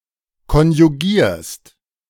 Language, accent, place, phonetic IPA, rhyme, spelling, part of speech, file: German, Germany, Berlin, [kɔnjuˈɡiːɐ̯st], -iːɐ̯st, konjugierst, verb, De-konjugierst.ogg
- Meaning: second-person singular present of konjugieren